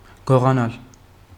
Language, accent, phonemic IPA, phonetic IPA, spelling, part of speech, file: Armenian, Eastern Armenian, /ɡoʁɑˈnɑl/, [ɡoʁɑnɑ́l], գողանալ, verb, Hy-գողանալ.ogg
- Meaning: to steal